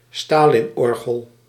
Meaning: a Katyusha (Soviet artillery multiple rocket launcher)
- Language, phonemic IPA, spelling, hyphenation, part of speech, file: Dutch, /ˈstaː.lɪnˌɔr.ɣəl/, stalinorgel, sta‧lin‧or‧gel, noun, Nl-stalinorgel.ogg